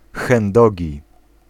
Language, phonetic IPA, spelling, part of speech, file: Polish, [xɛ̃nˈdɔɟi], chędogi, adjective, Pl-chędogi.ogg